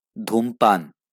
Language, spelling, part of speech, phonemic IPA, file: Bengali, ধূমপান, noun, /dʱum.pan/, LL-Q9610 (ben)-ধূমপান.wav
- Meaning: smoking